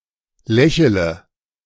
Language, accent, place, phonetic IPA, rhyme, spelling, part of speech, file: German, Germany, Berlin, [ˈlɛçələ], -ɛçələ, lächele, verb, De-lächele.ogg
- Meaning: inflection of lächeln: 1. first-person singular present 2. singular imperative 3. first/third-person singular subjunctive I